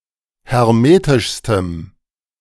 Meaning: strong dative masculine/neuter singular superlative degree of hermetisch
- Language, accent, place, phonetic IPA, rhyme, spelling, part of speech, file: German, Germany, Berlin, [hɛʁˈmeːtɪʃstəm], -eːtɪʃstəm, hermetischstem, adjective, De-hermetischstem.ogg